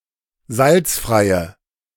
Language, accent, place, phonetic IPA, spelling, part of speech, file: German, Germany, Berlin, [ˈzalt͡sfʁaɪ̯ə], salzfreie, adjective, De-salzfreie.ogg
- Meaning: inflection of salzfrei: 1. strong/mixed nominative/accusative feminine singular 2. strong nominative/accusative plural 3. weak nominative all-gender singular